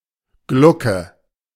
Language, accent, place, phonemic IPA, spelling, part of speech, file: German, Germany, Berlin, /ˈɡlʊkə/, Glucke, noun, De-Glucke.ogg
- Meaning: 1. brooding hen; hen with chicks 2. overprotective mother 3. eggar (moth of the family Lasiocampidae) 4. cauliflower mushroom (mushroom of the genus Sparassis)